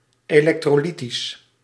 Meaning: electrolytic
- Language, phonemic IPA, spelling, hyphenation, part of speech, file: Dutch, /eːˌlɛktroːˈlitis/, elektrolytisch, elek‧tro‧ly‧tisch, adjective, Nl-elektrolytisch.ogg